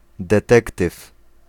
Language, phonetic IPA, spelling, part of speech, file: Polish, [dɛˈtɛktɨf], detektyw, noun, Pl-detektyw.ogg